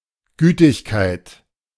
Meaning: kindness, clemency
- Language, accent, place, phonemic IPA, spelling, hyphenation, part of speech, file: German, Germany, Berlin, /ˈɡyːtɪçkaɪ̯t/, Gütigkeit, Gü‧tig‧keit, noun, De-Gütigkeit.ogg